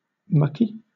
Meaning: 1. Covered in muck 2. Obscene, pornographic
- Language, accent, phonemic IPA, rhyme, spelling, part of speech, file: English, Southern England, /ˈmʌki/, -ʌki, mucky, adjective, LL-Q1860 (eng)-mucky.wav